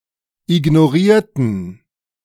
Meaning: inflection of ignorieren: 1. first/third-person plural preterite 2. first/third-person plural subjunctive II
- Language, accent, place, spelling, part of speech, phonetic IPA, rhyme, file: German, Germany, Berlin, ignorierten, adjective / verb, [ɪɡnoˈʁiːɐ̯tn̩], -iːɐ̯tn̩, De-ignorierten.ogg